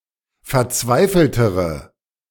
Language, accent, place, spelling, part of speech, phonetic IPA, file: German, Germany, Berlin, verzweifeltere, adjective, [fɛɐ̯ˈt͡svaɪ̯fl̩təʁə], De-verzweifeltere.ogg
- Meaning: inflection of verzweifelt: 1. strong/mixed nominative/accusative feminine singular comparative degree 2. strong nominative/accusative plural comparative degree